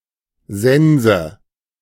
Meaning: 1. scythe (instrument for mowing grass etc.) 2. end of story, finish
- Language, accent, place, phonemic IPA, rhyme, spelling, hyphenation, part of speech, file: German, Germany, Berlin, /ˈzɛnzə/, -ɛnzə, Sense, Sen‧se, noun, De-Sense.ogg